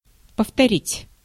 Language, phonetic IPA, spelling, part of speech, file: Russian, [pəftɐˈrʲitʲ], повторить, verb, Ru-повторить.ogg
- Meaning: 1. to repeat, to reiterate 2. to review (a lesson)